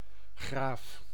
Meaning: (noun) 1. earl, count 2. graph; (adjective) cool (in the sense of nice or impressive); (adverb) very; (verb) inflection of graven: first-person singular present indicative
- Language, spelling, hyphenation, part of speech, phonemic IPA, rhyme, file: Dutch, graaf, graaf, noun / adjective / adverb / verb, /ɣraːf/, -aːf, Nl-graaf.ogg